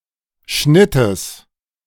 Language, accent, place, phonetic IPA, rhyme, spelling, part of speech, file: German, Germany, Berlin, [ˈʃnɪtəs], -ɪtəs, Schnittes, noun, De-Schnittes.ogg
- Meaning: genitive singular of Schnitt